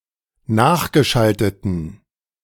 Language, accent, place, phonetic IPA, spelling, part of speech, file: German, Germany, Berlin, [ˈnaːxɡəˌʃaltətn̩], nachgeschalteten, adjective, De-nachgeschalteten.ogg
- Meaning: inflection of nachgeschaltet: 1. strong genitive masculine/neuter singular 2. weak/mixed genitive/dative all-gender singular 3. strong/weak/mixed accusative masculine singular 4. strong dative plural